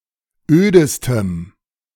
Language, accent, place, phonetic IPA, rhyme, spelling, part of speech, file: German, Germany, Berlin, [ˈøːdəstəm], -øːdəstəm, ödestem, adjective, De-ödestem.ogg
- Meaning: strong dative masculine/neuter singular superlative degree of öd